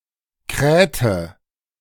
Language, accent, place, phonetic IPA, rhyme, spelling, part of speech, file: German, Germany, Berlin, [ˈkʁɛːtə], -ɛːtə, krähte, verb, De-krähte.ogg
- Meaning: inflection of krähen: 1. first/third-person singular preterite 2. first/third-person singular subjunctive II